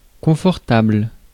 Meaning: 1. comfortable, providing comfort 2. comfortable, experiencing comfort
- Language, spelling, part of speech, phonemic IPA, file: French, confortable, adjective, /kɔ̃.fɔʁ.tabl/, Fr-confortable.ogg